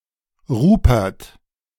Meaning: a male given name from Middle High German, equivalent to English Robert
- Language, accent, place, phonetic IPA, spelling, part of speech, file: German, Germany, Berlin, [ˈʁʊpɛʁt], Rupert, proper noun, De-Rupert.ogg